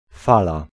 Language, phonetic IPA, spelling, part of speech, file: Polish, [ˈfala], fala, noun, Pl-fala.ogg